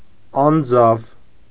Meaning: cave
- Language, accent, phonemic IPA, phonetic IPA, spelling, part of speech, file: Armenian, Eastern Armenian, /ɑnˈd͡zɑv/, [ɑnd͡zɑ́v], անձավ, noun, Hy-անձավ.ogg